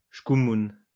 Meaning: bad luck
- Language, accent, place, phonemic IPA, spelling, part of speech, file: French, France, Lyon, /sku.mun/, scoumoune, noun, LL-Q150 (fra)-scoumoune.wav